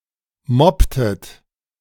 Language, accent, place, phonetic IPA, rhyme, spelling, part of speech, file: German, Germany, Berlin, [ˈmɔptət], -ɔptət, mobbtet, verb, De-mobbtet.ogg
- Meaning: inflection of mobben: 1. second-person plural preterite 2. second-person plural subjunctive II